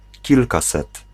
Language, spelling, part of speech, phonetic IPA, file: Polish, kilkaset, numeral, [ˈcilkasɛt], Pl-kilkaset.ogg